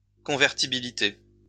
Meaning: convertibility
- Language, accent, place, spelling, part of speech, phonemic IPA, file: French, France, Lyon, convertibilité, noun, /kɔ̃.vɛʁ.ti.bi.li.te/, LL-Q150 (fra)-convertibilité.wav